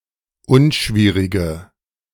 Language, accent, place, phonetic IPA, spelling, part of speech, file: German, Germany, Berlin, [ˈʊnˌʃviːʁɪɡə], unschwierige, adjective, De-unschwierige.ogg
- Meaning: inflection of unschwierig: 1. strong/mixed nominative/accusative feminine singular 2. strong nominative/accusative plural 3. weak nominative all-gender singular